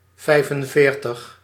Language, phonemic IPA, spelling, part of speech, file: Dutch, /ˈvɛi̯fənˌveːrtəx/, vijfenveertig, numeral, Nl-vijfenveertig.ogg
- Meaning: forty-five